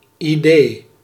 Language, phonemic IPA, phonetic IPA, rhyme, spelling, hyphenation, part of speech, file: Dutch, /iˈdeː/, [iˈdeː], -eː, idee, idee, noun, Nl-idee.ogg
- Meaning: 1. idea 2. idea, notion